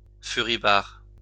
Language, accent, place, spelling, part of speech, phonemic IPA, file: French, France, Lyon, furibard, adjective, /fy.ʁi.baʁ/, LL-Q150 (fra)-furibard.wav
- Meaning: very furious; livid